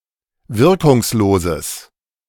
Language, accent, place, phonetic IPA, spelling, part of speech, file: German, Germany, Berlin, [ˈvɪʁkʊŋsˌloːzəs], wirkungsloses, adjective, De-wirkungsloses.ogg
- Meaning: strong/mixed nominative/accusative neuter singular of wirkungslos